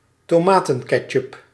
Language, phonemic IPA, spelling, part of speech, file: Dutch, /toːˈmaːtə(n)kɛtʃʏp/, tomatenketchup, noun, Nl-tomatenketchup.ogg
- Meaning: tomato ketchup